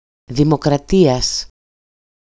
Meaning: genitive singular of δημοκρατία (dimokratía)
- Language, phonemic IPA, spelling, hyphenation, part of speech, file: Greek, /ðimokraˈtias/, δημοκρατίας, δη‧μο‧κρα‧τί‧ας, noun, EL-δημοκρατίας.ogg